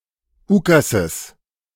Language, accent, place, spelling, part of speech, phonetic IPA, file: German, Germany, Berlin, Ukases, noun, [ˈuːkazəs], De-Ukases.ogg
- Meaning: genitive singular of Ukas